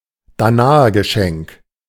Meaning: Greek gift
- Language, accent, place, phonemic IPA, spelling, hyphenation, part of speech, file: German, Germany, Berlin, /ˈdaːnaɐɡəˌʃɛŋk/, Danaergeschenk, Da‧na‧er‧ge‧schenk, noun, De-Danaergeschenk.ogg